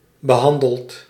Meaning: inflection of behandelen: 1. second/third-person singular present indicative 2. plural imperative
- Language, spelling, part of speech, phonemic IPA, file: Dutch, behandelt, verb, /bəˈɦɑndəlt/, Nl-behandelt.ogg